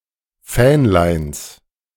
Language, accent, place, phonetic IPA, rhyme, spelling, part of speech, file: German, Germany, Berlin, [ˈfɛːnlaɪ̯ns], -ɛːnlaɪ̯ns, Fähnleins, noun, De-Fähnleins.ogg
- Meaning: genitive of Fähnlein